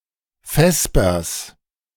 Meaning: genitive singular of Vesper
- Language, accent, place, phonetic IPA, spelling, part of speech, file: German, Germany, Berlin, [ˈfɛspɐs], Vespers, noun, De-Vespers.ogg